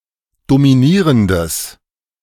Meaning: strong/mixed nominative/accusative neuter singular of dominierend
- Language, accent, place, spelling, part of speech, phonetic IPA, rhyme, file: German, Germany, Berlin, dominierendes, adjective, [domiˈniːʁəndəs], -iːʁəndəs, De-dominierendes.ogg